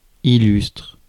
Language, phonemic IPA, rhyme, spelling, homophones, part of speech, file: French, /i.lystʁ/, -ystʁ, illustre, illustrent / illustres, adjective / verb, Fr-illustre.ogg
- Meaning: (adjective) illustrious; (verb) inflection of illustrer: 1. first/third-person singular present indicative/subjunctive 2. second-person singular imperative